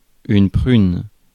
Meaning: 1. plum 2. ticket (traffic citation)
- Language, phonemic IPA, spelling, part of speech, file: French, /pʁyn/, prune, noun, Fr-prune.ogg